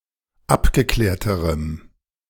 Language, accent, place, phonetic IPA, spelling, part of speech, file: German, Germany, Berlin, [ˈapɡəˌklɛːɐ̯təʁəm], abgeklärterem, adjective, De-abgeklärterem.ogg
- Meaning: strong dative masculine/neuter singular comparative degree of abgeklärt